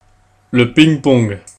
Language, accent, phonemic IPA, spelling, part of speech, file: French, France, /piŋ.pɔ̃ɡ/, ping-pong, noun, Fr-ping-pong.ogg
- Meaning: ping pong; table tennis